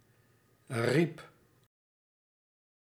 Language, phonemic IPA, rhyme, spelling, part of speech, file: Dutch, /rip/, -ip, riep, verb, Nl-riep.ogg
- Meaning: singular past indicative of roepen